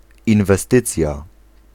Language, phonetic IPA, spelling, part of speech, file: Polish, [ˌĩnvɛˈstɨt͡sʲja], inwestycja, noun, Pl-inwestycja.ogg